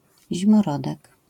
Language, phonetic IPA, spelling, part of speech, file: Polish, [ˌʑĩmɔˈrɔdɛk], zimorodek, noun, LL-Q809 (pol)-zimorodek.wav